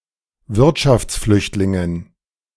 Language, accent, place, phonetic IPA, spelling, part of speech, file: German, Germany, Berlin, [ˈvɪʁtʃaft͡sˌflʏçtlɪŋən], Wirtschaftsflüchtlingen, noun, De-Wirtschaftsflüchtlingen.ogg
- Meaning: dative plural of Wirtschaftsflüchtling